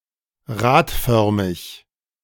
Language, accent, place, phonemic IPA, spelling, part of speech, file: German, Germany, Berlin, /ˈʁaːtˌfœʁmɪç/, radförmig, adjective, De-radförmig.ogg
- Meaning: rotiform, wheel-shaped